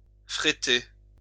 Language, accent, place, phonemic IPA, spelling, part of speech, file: French, France, Lyon, /fʁe.te/, fréter, verb, LL-Q150 (fra)-fréter.wav
- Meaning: to charter (a boat)